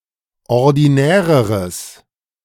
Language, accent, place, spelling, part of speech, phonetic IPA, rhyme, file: German, Germany, Berlin, ordinäreres, adjective, [ɔʁdiˈnɛːʁəʁəs], -ɛːʁəʁəs, De-ordinäreres.ogg
- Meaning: strong/mixed nominative/accusative neuter singular comparative degree of ordinär